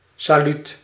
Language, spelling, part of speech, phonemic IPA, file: Dutch, saluut, noun / interjection, /sɑˈlyt/, Nl-saluut.ogg
- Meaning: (interjection) 1. goodbye 2. greetings, hail; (noun) 1. salute (a hand gesture or salvo expressing respect) 2. salut d'or (a French gold coin minted in the 15th-16th century)